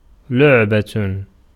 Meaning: 1. toy, plaything 2. game 3. doll 4. butt of a joke, laughingstock
- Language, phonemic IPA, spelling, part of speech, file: Arabic, /luʕ.ba/, لعبة, noun, Ar-لعبة.ogg